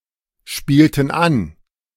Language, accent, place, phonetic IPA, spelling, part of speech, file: German, Germany, Berlin, [ˌʃpiːltn̩ ˈan], spielten an, verb, De-spielten an.ogg
- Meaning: inflection of anspielen: 1. first/third-person plural preterite 2. first/third-person plural subjunctive II